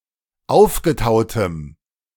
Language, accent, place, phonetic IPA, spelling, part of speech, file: German, Germany, Berlin, [ˈaʊ̯fɡəˌtaʊ̯təm], aufgetautem, adjective, De-aufgetautem.ogg
- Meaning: strong dative masculine/neuter singular of aufgetaut